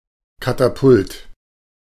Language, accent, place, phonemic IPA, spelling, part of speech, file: German, Germany, Berlin, /kataˈpʊlt/, Katapult, noun, De-Katapult.ogg
- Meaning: catapult, trebuchet